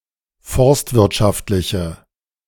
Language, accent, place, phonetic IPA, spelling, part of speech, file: German, Germany, Berlin, [ˈfɔʁstvɪʁtˌʃaftlɪçə], forstwirtschaftliche, adjective, De-forstwirtschaftliche.ogg
- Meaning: inflection of forstwirtschaftlich: 1. strong/mixed nominative/accusative feminine singular 2. strong nominative/accusative plural 3. weak nominative all-gender singular